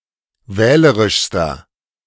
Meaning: inflection of wählerisch: 1. strong/mixed nominative masculine singular superlative degree 2. strong genitive/dative feminine singular superlative degree 3. strong genitive plural superlative degree
- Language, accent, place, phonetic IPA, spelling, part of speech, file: German, Germany, Berlin, [ˈvɛːləʁɪʃstɐ], wählerischster, adjective, De-wählerischster.ogg